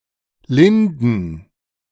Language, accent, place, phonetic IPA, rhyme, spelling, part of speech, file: German, Germany, Berlin, [ˈlɪndn̩], -ɪndn̩, linden, adjective / verb, De-linden.ogg
- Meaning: inflection of lind: 1. strong genitive masculine/neuter singular 2. weak/mixed genitive/dative all-gender singular 3. strong/weak/mixed accusative masculine singular 4. strong dative plural